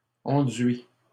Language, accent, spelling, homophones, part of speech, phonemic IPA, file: French, Canada, enduis, enduit, verb, /ɑ̃.dɥi/, LL-Q150 (fra)-enduis.wav
- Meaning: inflection of enduire: 1. first/second-person singular present indicative 2. second-person singular imperative